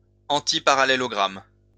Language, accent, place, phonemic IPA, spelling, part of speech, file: French, France, Lyon, /ɑ̃.ti.pa.ʁa.le.lɔ.ɡʁam/, antiparallélogramme, noun, LL-Q150 (fra)-antiparallélogramme.wav
- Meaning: antiparallelogram